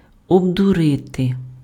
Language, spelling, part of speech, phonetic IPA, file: Ukrainian, обдурити, verb, [ɔbdʊˈrɪte], Uk-обдурити.ogg
- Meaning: to deceive, to fool, to dupe, to hoodwink, to bamboozle, to take in